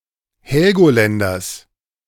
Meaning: genitive singular of Helgoländer
- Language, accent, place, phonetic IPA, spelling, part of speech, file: German, Germany, Berlin, [ˈhɛlɡoˌlɛndɐs], Helgoländers, noun, De-Helgoländers.ogg